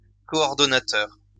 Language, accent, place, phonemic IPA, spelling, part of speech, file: French, France, Lyon, /kɔ.ɔʁ.dɔ.na.tœʁ/, coordonnateur, adjective / noun, LL-Q150 (fra)-coordonnateur.wav
- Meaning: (adjective) coordinating; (noun) coordinator